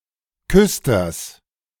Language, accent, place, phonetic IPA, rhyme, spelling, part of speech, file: German, Germany, Berlin, [ˈkʏstɐs], -ʏstɐs, Küsters, noun, De-Küsters.ogg
- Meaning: genitive singular of Küster